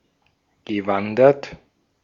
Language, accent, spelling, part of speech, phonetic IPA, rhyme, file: German, Austria, gewandert, verb, [ɡəˈvandɐt], -andɐt, De-at-gewandert.ogg
- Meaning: past participle of wandern